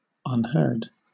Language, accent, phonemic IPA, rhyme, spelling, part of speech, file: English, Southern England, /ʌnˈhɜː(ɹ)d/, -ɜː(ɹ)d, unheard, adjective / verb, LL-Q1860 (eng)-unheard.wav
- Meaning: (adjective) 1. Not heard 2. Not listened to 3. Not known to fame; not illustrious or celebrated; obscure; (verb) simple past and past participle of unhear